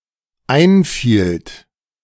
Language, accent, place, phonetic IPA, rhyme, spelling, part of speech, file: German, Germany, Berlin, [ˈaɪ̯nˌfiːlt], -aɪ̯nfiːlt, einfielt, verb, De-einfielt.ogg
- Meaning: second-person plural dependent preterite of einfallen